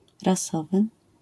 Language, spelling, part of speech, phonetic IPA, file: Polish, rasowy, adjective, [raˈsɔvɨ], LL-Q809 (pol)-rasowy.wav